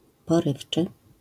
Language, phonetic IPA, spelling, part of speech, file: Polish, [pɔˈrɨft͡ʃɨ], porywczy, adjective, LL-Q809 (pol)-porywczy.wav